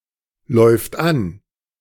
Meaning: third-person singular present of anlaufen
- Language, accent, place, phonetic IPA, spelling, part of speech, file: German, Germany, Berlin, [ˌlɔɪ̯ft ˈan], läuft an, verb, De-läuft an.ogg